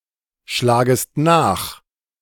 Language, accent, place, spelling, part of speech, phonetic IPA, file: German, Germany, Berlin, schlagest nach, verb, [ˌʃlaːɡəst ˈnaːx], De-schlagest nach.ogg
- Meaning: second-person singular subjunctive I of nachschlagen